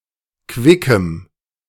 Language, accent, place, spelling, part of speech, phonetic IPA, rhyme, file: German, Germany, Berlin, quickem, adjective, [ˈkvɪkəm], -ɪkəm, De-quickem.ogg
- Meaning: strong dative masculine/neuter singular of quick